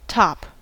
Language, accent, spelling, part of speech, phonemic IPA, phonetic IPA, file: English, US, top, noun / verb / adjective / adverb / interjection, /tɑp/, [tʰɑp], En-us-top.ogg
- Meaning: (noun) 1. The highest or uppermost part of something 2. The highest or uppermost part of something.: The part of something that is usually highest or uppermost